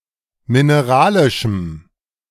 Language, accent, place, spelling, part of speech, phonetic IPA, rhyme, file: German, Germany, Berlin, mineralischem, adjective, [mɪneˈʁaːlɪʃm̩], -aːlɪʃm̩, De-mineralischem.ogg
- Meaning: strong dative masculine/neuter singular of mineralisch